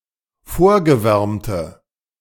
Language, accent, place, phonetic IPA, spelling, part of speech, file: German, Germany, Berlin, [ˈfoːɐ̯ɡəˌvɛʁmtə], vorgewärmte, adjective, De-vorgewärmte.ogg
- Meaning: inflection of vorgewärmt: 1. strong/mixed nominative/accusative feminine singular 2. strong nominative/accusative plural 3. weak nominative all-gender singular